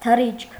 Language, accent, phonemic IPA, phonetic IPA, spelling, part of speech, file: Armenian, Eastern Armenian, /tʰəˈrit͡ʃʰkʰ/, [tʰərít͡ʃʰkʰ], թռիչք, noun, Hy-թռիչք.ogg
- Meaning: flight, flying